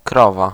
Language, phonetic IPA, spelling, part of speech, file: Polish, [ˈkrɔva], krowa, noun, Pl-krowa.ogg